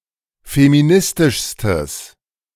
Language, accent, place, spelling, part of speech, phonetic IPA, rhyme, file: German, Germany, Berlin, feministischstes, adjective, [femiˈnɪstɪʃstəs], -ɪstɪʃstəs, De-feministischstes.ogg
- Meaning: strong/mixed nominative/accusative neuter singular superlative degree of feministisch